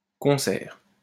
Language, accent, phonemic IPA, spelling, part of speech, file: French, France, /kɔ̃.sɛʁ/, concert, noun, LL-Q150 (fra)-concert.wav
- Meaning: concert (musical entertainment)